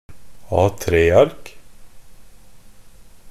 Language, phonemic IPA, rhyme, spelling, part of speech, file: Norwegian Bokmål, /ˈɑːtɾeːark/, -ark, A3-ark, noun, NB - Pronunciation of Norwegian Bokmål «A3-ark».ogg
- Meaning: A piece of paper in the standard A3 format